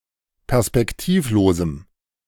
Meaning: strong dative masculine/neuter singular of perspektivlos
- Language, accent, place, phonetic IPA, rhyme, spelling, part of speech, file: German, Germany, Berlin, [pɛʁspɛkˈtiːfˌloːzm̩], -iːfloːzm̩, perspektivlosem, adjective, De-perspektivlosem.ogg